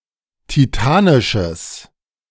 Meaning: strong/mixed nominative/accusative neuter singular of titanisch
- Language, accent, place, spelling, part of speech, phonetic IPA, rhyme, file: German, Germany, Berlin, titanisches, adjective, [tiˈtaːnɪʃəs], -aːnɪʃəs, De-titanisches.ogg